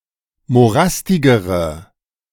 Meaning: inflection of morastig: 1. strong/mixed nominative/accusative feminine singular comparative degree 2. strong nominative/accusative plural comparative degree
- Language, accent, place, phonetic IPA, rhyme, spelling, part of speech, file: German, Germany, Berlin, [moˈʁastɪɡəʁə], -astɪɡəʁə, morastigere, adjective, De-morastigere.ogg